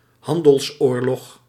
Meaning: 1. a trade war (mutual imposition of trade barriers) 2. a war pertaining to trading interests
- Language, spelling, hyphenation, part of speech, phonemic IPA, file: Dutch, handelsoorlog, han‧dels‧oor‧log, noun, /ˈɦɑn.dəlsˌoːr.lɔx/, Nl-handelsoorlog.ogg